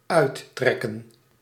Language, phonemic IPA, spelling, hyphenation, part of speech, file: Dutch, /ˈœy̯(t)ˌtrɛ.kə(n)/, uittrekken, uit‧trek‧ken, verb, Nl-uittrekken.ogg
- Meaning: 1. to take off (clothes) 2. to pull out (of), e.g. a tooth